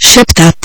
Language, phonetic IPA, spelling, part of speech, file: Czech, [ˈʃɛptat], šeptat, verb, Cs-šeptat.ogg
- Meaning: to whisper (to talk in a quiet voice)